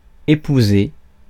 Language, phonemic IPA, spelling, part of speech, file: French, /e.pu.ze/, épouser, verb, Fr-épouser.ogg
- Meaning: 1. to marry, to wed 2. to marry, to get married, wed 3. to cling to, hug (of tight clothes etc.)